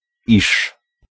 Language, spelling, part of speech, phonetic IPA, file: Polish, iż, conjunction, [iʃ], Pl-iż.ogg